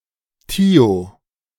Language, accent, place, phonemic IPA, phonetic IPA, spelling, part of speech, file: German, Germany, Berlin, /ti̯o/, [tʰi̯o], thio-, prefix, De-thio-.ogg
- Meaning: thio-